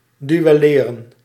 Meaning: 1. to fight an armed duel 2. to be engaged in an unarmed (usually verbal, e.g. business - or legal) confrontation between two parties
- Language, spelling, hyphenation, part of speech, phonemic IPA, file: Dutch, duelleren, du‧el‧le‧ren, verb, /dyɛˈleːrə(n)/, Nl-duelleren.ogg